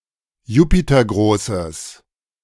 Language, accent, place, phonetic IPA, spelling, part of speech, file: German, Germany, Berlin, [ˈjuːpitɐˌɡʁoːsəs], jupitergroßes, adjective, De-jupitergroßes.ogg
- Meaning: strong/mixed nominative/accusative neuter singular of jupitergroß